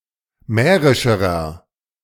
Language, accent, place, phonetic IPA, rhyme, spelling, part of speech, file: German, Germany, Berlin, [ˈmɛːʁɪʃəʁɐ], -ɛːʁɪʃəʁɐ, mährischerer, adjective, De-mährischerer.ogg
- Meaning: inflection of mährisch: 1. strong/mixed nominative masculine singular comparative degree 2. strong genitive/dative feminine singular comparative degree 3. strong genitive plural comparative degree